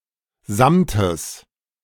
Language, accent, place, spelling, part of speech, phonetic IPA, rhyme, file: German, Germany, Berlin, Samtes, noun, [ˈzamtəs], -amtəs, De-Samtes.ogg
- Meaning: genitive singular of Samt